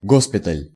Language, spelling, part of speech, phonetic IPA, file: Russian, госпиталь, noun, [ˈɡospʲɪtəlʲ], Ru-госпиталь.ogg
- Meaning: hospital